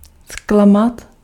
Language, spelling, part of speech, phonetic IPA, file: Czech, zklamat, verb, [ˈsklamat], Cs-zklamat.ogg
- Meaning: 1. to disappoint 2. to be disappointed (in someone)